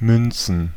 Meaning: plural of Münze
- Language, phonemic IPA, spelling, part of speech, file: German, /ˈmʏnt͡sn̩/, Münzen, noun, De-Münzen.ogg